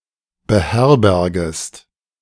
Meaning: second-person singular subjunctive I of beherbergen
- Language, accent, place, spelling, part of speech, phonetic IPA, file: German, Germany, Berlin, beherbergest, verb, [bəˈhɛʁbɛʁɡəst], De-beherbergest.ogg